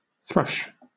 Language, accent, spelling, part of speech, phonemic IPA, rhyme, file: English, Southern England, thrush, noun, /θɹʌʃ/, -ʌʃ, LL-Q1860 (eng)-thrush.wav
- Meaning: 1. Any of numerous species of songbirds of the cosmopolitan family Turdidae, such as the song thrush, mistle thrush, bluebird, and American robin 2. A female singer